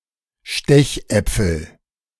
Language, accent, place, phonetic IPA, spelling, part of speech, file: German, Germany, Berlin, [ˈʃtɛçˌʔɛp͡fl̩], Stechäpfel, noun, De-Stechäpfel.ogg
- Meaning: nominative/accusative/genitive plural of Stechapfel